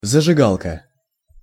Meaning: lighter (fire making device)
- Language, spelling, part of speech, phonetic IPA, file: Russian, зажигалка, noun, [zəʐɨˈɡaɫkə], Ru-зажигалка.ogg